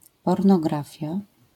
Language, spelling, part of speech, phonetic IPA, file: Polish, pornografia, noun, [ˌpɔrnɔˈɡrafʲja], LL-Q809 (pol)-pornografia.wav